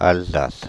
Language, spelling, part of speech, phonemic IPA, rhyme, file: French, Alsace, proper noun, /al.zas/, -as, Fr-Alsace.ogg
- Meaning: Alsace (a cultural region, former administrative region and historical province of France; since 2016, part of the administrative region of Grand Est)